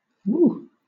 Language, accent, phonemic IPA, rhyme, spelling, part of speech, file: English, Southern England, /wuː/, -uː, whoo, interjection / noun / verb, LL-Q1860 (eng)-whoo.wav
- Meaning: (interjection) 1. An expression of joy and excitement 2. The wailing of a ghost 3. The cry of an owl; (noun) A "whoo" sound; the cry of an owl or similar